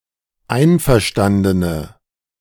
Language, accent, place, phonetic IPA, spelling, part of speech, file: German, Germany, Berlin, [ˈaɪ̯nfɛɐ̯ˌʃtandənə], einverstandene, adjective, De-einverstandene.ogg
- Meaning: inflection of einverstanden: 1. strong/mixed nominative/accusative feminine singular 2. strong nominative/accusative plural 3. weak nominative all-gender singular